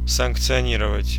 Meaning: to sanction, to authorize
- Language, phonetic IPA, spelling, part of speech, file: Russian, [sənkt͡sɨɐˈnʲirəvətʲ], санкционировать, verb, Ru-санкционировать.ogg